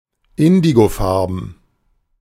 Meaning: indigo (in colour)
- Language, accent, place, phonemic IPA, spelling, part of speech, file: German, Germany, Berlin, /ˈɪndiɡoˌfaʁbn̩/, indigofarben, adjective, De-indigofarben.ogg